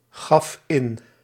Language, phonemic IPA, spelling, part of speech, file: Dutch, /ˈɣɑf ˈɪn/, gaf in, verb, Nl-gaf in.ogg
- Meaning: singular past indicative of ingeven